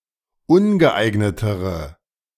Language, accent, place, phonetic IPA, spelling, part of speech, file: German, Germany, Berlin, [ˈʊnɡəˌʔaɪ̯ɡnətəʁə], ungeeignetere, adjective, De-ungeeignetere.ogg
- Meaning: inflection of ungeeignet: 1. strong/mixed nominative/accusative feminine singular comparative degree 2. strong nominative/accusative plural comparative degree